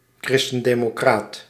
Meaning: Christian democrat
- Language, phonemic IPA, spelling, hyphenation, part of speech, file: Dutch, /ˌkrɪs.tən.deː.moːˈkraːt/, christendemocraat, chris‧ten‧de‧mo‧craat, noun, Nl-christendemocraat.ogg